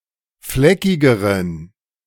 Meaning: inflection of fleckig: 1. strong genitive masculine/neuter singular comparative degree 2. weak/mixed genitive/dative all-gender singular comparative degree
- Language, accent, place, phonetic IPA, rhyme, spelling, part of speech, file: German, Germany, Berlin, [ˈflɛkɪɡəʁən], -ɛkɪɡəʁən, fleckigeren, adjective, De-fleckigeren.ogg